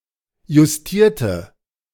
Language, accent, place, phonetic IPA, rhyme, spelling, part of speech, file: German, Germany, Berlin, [jʊsˈtiːɐ̯tə], -iːɐ̯tə, justierte, adjective / verb, De-justierte.ogg
- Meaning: inflection of justieren: 1. first/third-person singular preterite 2. first/third-person singular subjunctive II